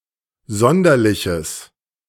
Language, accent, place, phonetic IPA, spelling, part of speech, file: German, Germany, Berlin, [ˈzɔndɐlɪçəs], sonderliches, adjective, De-sonderliches.ogg
- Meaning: strong/mixed nominative/accusative neuter singular of sonderlich